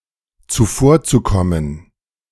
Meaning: zu-infinitive of zuvorkommen
- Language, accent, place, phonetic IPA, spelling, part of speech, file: German, Germany, Berlin, [t͡suˈfoːɐ̯t͡suˌkɔmən], zuvorzukommen, verb, De-zuvorzukommen.ogg